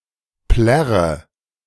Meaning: inflection of plärren: 1. first-person singular present 2. first/third-person singular subjunctive I 3. singular imperative
- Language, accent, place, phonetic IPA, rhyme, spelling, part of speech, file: German, Germany, Berlin, [ˈplɛʁə], -ɛʁə, plärre, verb, De-plärre.ogg